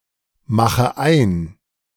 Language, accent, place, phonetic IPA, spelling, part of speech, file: German, Germany, Berlin, [ˌmaxə ˈaɪ̯n], mache ein, verb, De-mache ein.ogg
- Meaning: inflection of einmachen: 1. first-person singular present 2. first/third-person singular subjunctive I 3. singular imperative